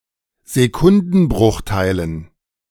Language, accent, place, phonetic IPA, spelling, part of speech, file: German, Germany, Berlin, [zeˈkʊndn̩ˌbʁʊxtaɪ̯lən], Sekundenbruchteilen, noun, De-Sekundenbruchteilen.ogg
- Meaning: dative plural of Sekundenbruchteil